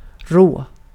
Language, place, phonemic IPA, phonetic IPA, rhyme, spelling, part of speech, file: Swedish, Gotland, /roː/, [r̪oə̯], -oː, rå, adjective / noun / verb, Sv-rå.ogg
- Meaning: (adjective) 1. raw (uncooked; untreated; rough or uneven) 2. crude (being in a natural state; statistics: in an unanalyzed form) 3. rough (crude; unrefined) 4. coarse (not refined)